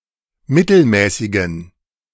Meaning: inflection of mittelmäßig: 1. strong genitive masculine/neuter singular 2. weak/mixed genitive/dative all-gender singular 3. strong/weak/mixed accusative masculine singular 4. strong dative plural
- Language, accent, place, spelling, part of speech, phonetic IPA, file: German, Germany, Berlin, mittelmäßigen, adjective, [ˈmɪtl̩ˌmɛːsɪɡn̩], De-mittelmäßigen.ogg